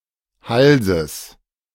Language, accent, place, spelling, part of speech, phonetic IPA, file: German, Germany, Berlin, Halses, noun, [ˈhalzəs], De-Halses.ogg
- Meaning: genitive singular of Hals